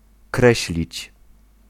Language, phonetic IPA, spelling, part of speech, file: Polish, [ˈkrɛɕlʲit͡ɕ], kreślić, verb, Pl-kreślić.ogg